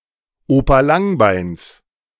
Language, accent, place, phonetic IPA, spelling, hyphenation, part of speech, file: German, Germany, Berlin, [ˈoːpa ˈlaŋˌbaɪ̯ns], Opa Langbeins, Opa Lang‧beins, noun, De-Opa Langbeins.ogg
- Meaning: genitive singular of Opa Langbein